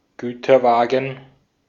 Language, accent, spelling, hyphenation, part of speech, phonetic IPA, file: German, Austria, Güterwagen, Gü‧ter‧wa‧gen, noun, [ˈɡyːtɐˌvaːɡn̩], De-at-Güterwagen.ogg
- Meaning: boxcar (US), goods van, box van (UK)